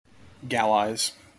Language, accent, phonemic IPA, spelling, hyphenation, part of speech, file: English, General American, /ˈɡælaɪz/, gallize, gall‧ize, verb, En-us-gallize.mp3
- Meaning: To add sugar and water to (unfermented grape juice) so as to increase the quantity of wine produced